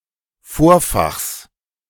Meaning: genitive singular of Vorfach
- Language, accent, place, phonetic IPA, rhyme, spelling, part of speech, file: German, Germany, Berlin, [ˈfoːɐ̯faxs], -oːɐ̯faxs, Vorfachs, noun, De-Vorfachs.ogg